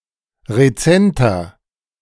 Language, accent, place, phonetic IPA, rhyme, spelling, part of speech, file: German, Germany, Berlin, [ʁeˈt͡sɛntɐ], -ɛntɐ, rezenter, adjective, De-rezenter.ogg
- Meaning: inflection of rezent: 1. strong/mixed nominative masculine singular 2. strong genitive/dative feminine singular 3. strong genitive plural